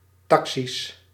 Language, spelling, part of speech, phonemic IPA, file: Dutch, taxi's, noun, /tɑk.sis/, Nl-taxi's.ogg
- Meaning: plural of taxi